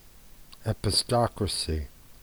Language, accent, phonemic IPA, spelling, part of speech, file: English, US, /ˌɛpɪˈstɑkɹəsi/, epistocracy, noun, En-us-epistocracy.ogg
- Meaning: A rule by citizens with political knowledge, or a proposed political system which concentrates political power in citizens according to their knowledge